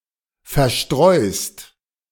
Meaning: second-person singular present of verstreuen
- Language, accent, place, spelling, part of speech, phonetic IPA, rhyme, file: German, Germany, Berlin, verstreust, verb, [fɛɐ̯ˈʃtʁɔɪ̯st], -ɔɪ̯st, De-verstreust.ogg